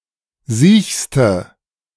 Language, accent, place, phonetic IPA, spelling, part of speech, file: German, Germany, Berlin, [ˈziːçstə], siechste, adjective, De-siechste.ogg
- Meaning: inflection of siech: 1. strong/mixed nominative/accusative feminine singular superlative degree 2. strong nominative/accusative plural superlative degree